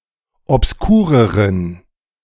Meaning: inflection of obskur: 1. strong genitive masculine/neuter singular comparative degree 2. weak/mixed genitive/dative all-gender singular comparative degree
- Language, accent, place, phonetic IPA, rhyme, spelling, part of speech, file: German, Germany, Berlin, [ɔpsˈkuːʁəʁən], -uːʁəʁən, obskureren, adjective, De-obskureren.ogg